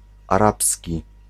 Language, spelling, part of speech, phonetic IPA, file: Polish, arabski, noun / adjective, [aˈrapsʲci], Pl-arabski.ogg